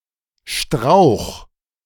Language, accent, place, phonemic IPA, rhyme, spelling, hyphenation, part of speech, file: German, Germany, Berlin, /ʃtʁaʊ̯x/, -aʊ̯x, Strauch, Strauch, noun, De-Strauch.ogg
- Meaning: shrub, bush